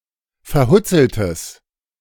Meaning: strong/mixed nominative/accusative neuter singular of verhutzelt
- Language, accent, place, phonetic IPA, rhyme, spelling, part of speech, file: German, Germany, Berlin, [fɛɐ̯ˈhʊt͡sl̩təs], -ʊt͡sl̩təs, verhutzeltes, adjective, De-verhutzeltes.ogg